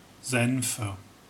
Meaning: 1. nominative/accusative/genitive plural of Senf 2. dative singular of Senf
- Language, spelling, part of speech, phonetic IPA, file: German, Senfe, noun, [ˈzɛnfə], De-Senfe.ogg